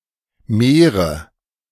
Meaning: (adjective) inflection of viel: 1. strong/mixed nominative/accusative feminine singular comparative degree 2. strong nominative/accusative plural comparative degree
- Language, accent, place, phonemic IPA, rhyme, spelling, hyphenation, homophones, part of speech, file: German, Germany, Berlin, /ˈmeːʁə/, -eːʁə, mehre, meh‧re, Meere, adjective / verb, De-mehre.ogg